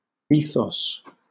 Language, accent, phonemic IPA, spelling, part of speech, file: English, Southern England, /ˈiːθɒs/, ethos, noun, LL-Q1860 (eng)-ethos.wav
- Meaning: The character or fundamental values of a person, people, culture, or movement